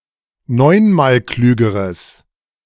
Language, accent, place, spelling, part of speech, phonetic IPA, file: German, Germany, Berlin, neunmalklügeres, adjective, [ˈnɔɪ̯nmaːlˌklyːɡəʁəs], De-neunmalklügeres.ogg
- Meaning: strong/mixed nominative/accusative neuter singular comparative degree of neunmalklug